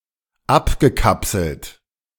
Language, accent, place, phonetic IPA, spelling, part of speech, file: German, Germany, Berlin, [ˈapɡəˌkapsl̩t], abgekapselt, verb, De-abgekapselt.ogg
- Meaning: past participle of abkapseln